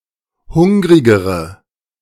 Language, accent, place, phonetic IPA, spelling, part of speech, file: German, Germany, Berlin, [ˈhʊŋʁɪɡəʁə], hungrigere, adjective, De-hungrigere.ogg
- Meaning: inflection of hungrig: 1. strong/mixed nominative/accusative feminine singular comparative degree 2. strong nominative/accusative plural comparative degree